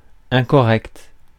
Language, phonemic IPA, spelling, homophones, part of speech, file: French, /ɛ̃.kɔ.ʁɛkt/, incorrect, incorrecte / incorrects / incorrectes, adjective, Fr-incorrect.ogg
- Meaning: 1. incorrect (not correct) 2. poorly made; made clumsily or carelessly; defective; shoddy, sloppy 3. incorrect (socially unacceptable); rude, impolite